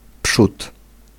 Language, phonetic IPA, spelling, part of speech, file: Polish, [pʃut], przód, noun, Pl-przód.ogg